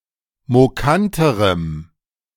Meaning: strong dative masculine/neuter singular comparative degree of mokant
- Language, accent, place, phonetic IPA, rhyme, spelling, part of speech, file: German, Germany, Berlin, [moˈkantəʁəm], -antəʁəm, mokanterem, adjective, De-mokanterem.ogg